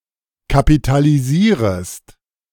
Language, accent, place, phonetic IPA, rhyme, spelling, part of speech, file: German, Germany, Berlin, [kapitaliˈziːʁəst], -iːʁəst, kapitalisierest, verb, De-kapitalisierest.ogg
- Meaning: second-person singular subjunctive I of kapitalisieren